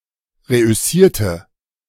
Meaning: inflection of reüssieren: 1. first/third-person singular preterite 2. first/third-person singular subjunctive II
- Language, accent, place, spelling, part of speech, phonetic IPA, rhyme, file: German, Germany, Berlin, reüssierte, adjective / verb, [ˌʁeʔʏˈsiːɐ̯tə], -iːɐ̯tə, De-reüssierte.ogg